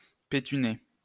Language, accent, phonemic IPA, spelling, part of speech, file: French, France, /pe.ty.ne/, pétuner, verb, LL-Q150 (fra)-pétuner.wav
- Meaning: 1. to smoke, especially tobacco 2. to take snuff